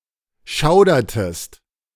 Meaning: inflection of schaudern: 1. second-person singular preterite 2. second-person singular subjunctive II
- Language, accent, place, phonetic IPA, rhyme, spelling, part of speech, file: German, Germany, Berlin, [ˈʃaʊ̯dɐtəst], -aʊ̯dɐtəst, schaudertest, verb, De-schaudertest.ogg